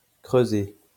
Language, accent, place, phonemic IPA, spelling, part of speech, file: French, France, Lyon, /kʁø.ze/, creusé, verb / adjective, LL-Q150 (fra)-creusé.wav
- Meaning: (verb) past participle of creuser; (adjective) concave